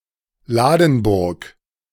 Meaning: Ladenburg (a city in northern Baden-Württemberg, Germany)
- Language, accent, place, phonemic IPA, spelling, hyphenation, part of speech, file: German, Germany, Berlin, /ˈlaːdn̩ˌbʊʁk/, Ladenburg, La‧den‧burg, proper noun, De-Ladenburg.ogg